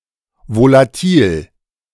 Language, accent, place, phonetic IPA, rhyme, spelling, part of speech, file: German, Germany, Berlin, [volaˈtiːl], -iːl, volatil, adjective, De-volatil.ogg
- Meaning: 1. volatile (evaporating or vaporizing readily under normal conditions) 2. volatile